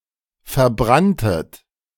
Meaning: second-person plural preterite of verbrennen
- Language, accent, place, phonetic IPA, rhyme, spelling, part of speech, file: German, Germany, Berlin, [fɛɐ̯ˈbʁantət], -antət, verbranntet, verb, De-verbranntet.ogg